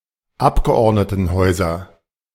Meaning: nominative/accusative/genitive plural of Abgeordnetenhaus
- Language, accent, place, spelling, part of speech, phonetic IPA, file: German, Germany, Berlin, Abgeordnetenhäuser, noun, [ˈapɡəʔɔʁdnətn̩ˌhɔɪ̯zɐ], De-Abgeordnetenhäuser.ogg